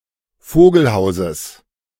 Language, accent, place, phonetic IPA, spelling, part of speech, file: German, Germany, Berlin, [ˈfoːɡl̩ˌhaʊ̯zəs], Vogelhauses, noun, De-Vogelhauses.ogg
- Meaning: genitive of Vogelhaus